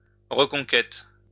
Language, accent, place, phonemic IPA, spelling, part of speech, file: French, France, Lyon, /ʁə.kɔ̃.kɛt/, reconquête, noun, LL-Q150 (fra)-reconquête.wav
- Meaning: reconquest (act of reconquering)